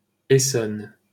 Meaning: 1. Essonne (a department of Île-de-France, France) 2. Essonne (a left tributary of the Seine, in northern France, flowing through the departments of Loiret, Seine-et-Marne and Essonne)
- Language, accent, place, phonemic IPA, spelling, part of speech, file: French, France, Paris, /e.sɔn/, Essonne, proper noun, LL-Q150 (fra)-Essonne.wav